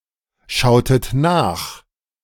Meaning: inflection of nachschauen: 1. second-person plural preterite 2. second-person plural subjunctive II
- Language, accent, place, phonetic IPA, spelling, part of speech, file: German, Germany, Berlin, [ˌʃaʊ̯tət ˈnaːx], schautet nach, verb, De-schautet nach.ogg